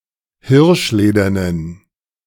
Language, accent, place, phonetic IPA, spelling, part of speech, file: German, Germany, Berlin, [ˈhɪʁʃˌleːdɐnən], hirschledernen, adjective, De-hirschledernen.ogg
- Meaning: inflection of hirschledern: 1. strong genitive masculine/neuter singular 2. weak/mixed genitive/dative all-gender singular 3. strong/weak/mixed accusative masculine singular 4. strong dative plural